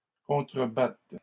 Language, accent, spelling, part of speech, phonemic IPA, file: French, Canada, contrebattes, verb, /kɔ̃.tʁə.bat/, LL-Q150 (fra)-contrebattes.wav
- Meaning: second-person singular present subjunctive of contrebattre